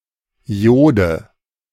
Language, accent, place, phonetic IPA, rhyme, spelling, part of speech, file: German, Germany, Berlin, [ˈi̯oːdə], -oːdə, Iode, noun, De-Iode.ogg
- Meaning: dative singular of Iod